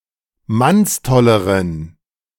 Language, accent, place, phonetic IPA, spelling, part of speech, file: German, Germany, Berlin, [ˈmansˌtɔləʁən], mannstolleren, adjective, De-mannstolleren.ogg
- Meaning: inflection of mannstoll: 1. strong genitive masculine/neuter singular comparative degree 2. weak/mixed genitive/dative all-gender singular comparative degree